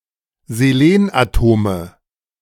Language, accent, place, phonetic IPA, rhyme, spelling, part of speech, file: German, Germany, Berlin, [zeˈleːnʔaˌtoːmə], -eːnʔatoːmə, Selenatome, noun, De-Selenatome.ogg
- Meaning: nominative/accusative/genitive plural of Selenatom